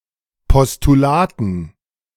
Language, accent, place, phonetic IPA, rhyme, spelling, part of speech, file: German, Germany, Berlin, [pɔstuˈlaːtn̩], -aːtn̩, Postulaten, noun, De-Postulaten.ogg
- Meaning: dative plural of Postulat